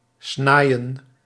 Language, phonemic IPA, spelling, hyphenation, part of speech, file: Dutch, /ˈsnaːi̯.ə(n)/, snaaien, snaai‧en, verb, Nl-snaaien.ogg
- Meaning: 1. to snack 2. to snag, to knick